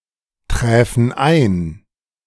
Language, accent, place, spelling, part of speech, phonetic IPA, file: German, Germany, Berlin, träfen ein, verb, [ˌtʁɛːfn̩ ˈaɪ̯n], De-träfen ein.ogg
- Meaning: first/third-person plural subjunctive II of eintreffen